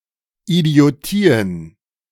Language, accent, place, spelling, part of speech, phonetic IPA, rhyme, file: German, Germany, Berlin, Idiotien, noun, [idi̯oˈtiːən], -iːən, De-Idiotien.ogg
- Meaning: plural of Idiotie